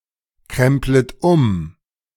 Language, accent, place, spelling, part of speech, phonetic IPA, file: German, Germany, Berlin, kremplet um, verb, [ˌkʁɛmplət ˈʊm], De-kremplet um.ogg
- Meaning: second-person plural subjunctive I of umkrempeln